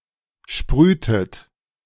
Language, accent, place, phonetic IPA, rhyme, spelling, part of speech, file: German, Germany, Berlin, [ˈʃpʁyːtət], -yːtət, sprühtet, verb, De-sprühtet.ogg
- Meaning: inflection of sprühen: 1. second-person plural preterite 2. second-person plural subjunctive II